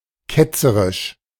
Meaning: 1. heretical (contrary to the teachings of the Catholic church) 2. heretical (contrary to mainstream or accepted opinion)
- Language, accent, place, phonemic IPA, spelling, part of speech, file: German, Germany, Berlin, /ˈkɛtsəʁɪʃ/, ketzerisch, adjective, De-ketzerisch.ogg